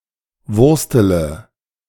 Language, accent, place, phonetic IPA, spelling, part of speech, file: German, Germany, Berlin, [ˈvʊʁstələ], wurstele, verb, De-wurstele.ogg
- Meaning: inflection of wursteln: 1. first-person singular present 2. first-person plural subjunctive I 3. third-person singular subjunctive I 4. singular imperative